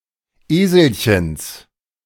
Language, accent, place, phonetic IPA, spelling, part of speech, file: German, Germany, Berlin, [ˈeːzl̩çəns], Eselchens, noun, De-Eselchens.ogg
- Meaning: genitive singular of Eselchen